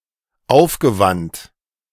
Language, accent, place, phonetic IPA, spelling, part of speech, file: German, Germany, Berlin, [ˈaʊ̯fɡəˌvant], aufgewandt, verb, De-aufgewandt.ogg
- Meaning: past participle of aufwenden